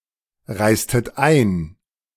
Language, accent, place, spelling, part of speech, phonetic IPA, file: German, Germany, Berlin, reistet ein, verb, [ˌʁaɪ̯stət ˈaɪ̯n], De-reistet ein.ogg
- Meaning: inflection of einreisen: 1. second-person plural preterite 2. second-person plural subjunctive II